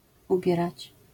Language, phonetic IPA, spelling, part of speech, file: Polish, [uˈbʲjɛrat͡ɕ], ubierać, verb, LL-Q809 (pol)-ubierać.wav